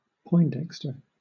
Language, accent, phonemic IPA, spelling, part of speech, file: English, Southern England, /ˈpɔɪnˌdɛkstə/, Poindexter, proper noun / noun, LL-Q1860 (eng)-Poindexter.wav
- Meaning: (proper noun) A surname from Jersey Norman; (noun) A bookish or socially unskilled person